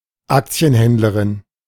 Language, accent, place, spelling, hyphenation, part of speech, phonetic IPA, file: German, Germany, Berlin, Aktienhändlerin, Ak‧ti‧en‧händ‧le‧rin, noun, [ˈakt͡si̯ənˌhɛndləʁɪn], De-Aktienhändlerin.ogg
- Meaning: female stockbroker